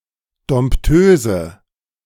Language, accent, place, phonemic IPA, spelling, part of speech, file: German, Germany, Berlin, /dɔm(p)ˈtøːzə/, Dompteuse, noun, De-Dompteuse.ogg
- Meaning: female equivalent of Dompteur (“tamer, animal trainer”)